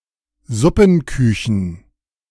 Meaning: plural of Suppenküche
- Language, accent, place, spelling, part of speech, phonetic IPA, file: German, Germany, Berlin, Suppenküchen, noun, [ˈzʊpn̩ˌkʏçn̩], De-Suppenküchen.ogg